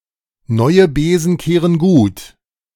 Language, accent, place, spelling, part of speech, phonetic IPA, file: German, Germany, Berlin, neue Besen kehren gut, phrase, [ˈnɔɪ̯ə ˈbeːzn̩ ˈkeːʁən ɡuːt], De-neue Besen kehren gut.ogg
- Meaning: a new broom sweeps clean